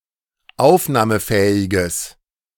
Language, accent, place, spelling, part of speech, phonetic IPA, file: German, Germany, Berlin, aufnahmefähiges, adjective, [ˈaʊ̯fnaːməˌfɛːɪɡəs], De-aufnahmefähiges.ogg
- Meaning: strong/mixed nominative/accusative neuter singular of aufnahmefähig